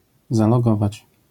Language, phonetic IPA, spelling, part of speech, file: Polish, [ˌzalɔˈɡɔvat͡ɕ], zalogować, verb, LL-Q809 (pol)-zalogować.wav